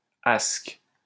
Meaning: ascus
- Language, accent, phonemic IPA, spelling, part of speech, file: French, France, /ask/, asque, noun, LL-Q150 (fra)-asque.wav